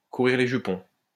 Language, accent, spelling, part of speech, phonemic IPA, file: French, France, courir les jupons, verb, /ku.ʁiʁ le ʒy.pɔ̃/, LL-Q150 (fra)-courir les jupons.wav
- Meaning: to chase skirt